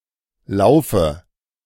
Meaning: inflection of laufen: 1. first-person singular present 2. first/third-person singular subjunctive I 3. singular imperative
- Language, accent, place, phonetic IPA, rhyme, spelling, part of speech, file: German, Germany, Berlin, [ˈlaʊ̯fə], -aʊ̯fə, laufe, verb, De-laufe.ogg